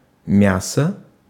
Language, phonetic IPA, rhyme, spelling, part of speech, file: Russian, [ˈmʲasə], -asə, мясо, noun, Ru-мясо.ogg
- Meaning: 1. meat 2. flesh, pulp 3. tissue, flesh 4. (cannon) fodder 5. FC Spartak Moscow